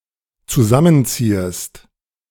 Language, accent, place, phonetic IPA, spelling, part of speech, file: German, Germany, Berlin, [t͡suˈzamənˌt͡siːəst], zusammenziehest, verb, De-zusammenziehest.ogg
- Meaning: second-person singular dependent subjunctive I of zusammenziehen